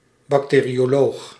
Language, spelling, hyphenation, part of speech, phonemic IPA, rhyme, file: Dutch, bacterioloog, bac‧te‧rio‧loog, noun, /bɑkˌteː.ri.oːˈloːx/, -oːx, Nl-bacterioloog.ogg
- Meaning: bacteriologist